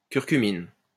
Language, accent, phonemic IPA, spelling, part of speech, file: French, France, /kyʁ.ky.min/, curcumine, noun, LL-Q150 (fra)-curcumine.wav
- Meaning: curcumin